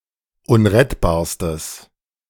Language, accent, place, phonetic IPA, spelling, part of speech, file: German, Germany, Berlin, [ˈʊnʁɛtbaːɐ̯stəs], unrettbarstes, adjective, De-unrettbarstes.ogg
- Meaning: strong/mixed nominative/accusative neuter singular superlative degree of unrettbar